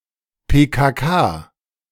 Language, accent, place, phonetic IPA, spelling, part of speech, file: German, Germany, Berlin, [peːkaːˈkaː], PKK, abbreviation, De-PKK.ogg
- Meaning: PKK (Kurdistan Workers Party)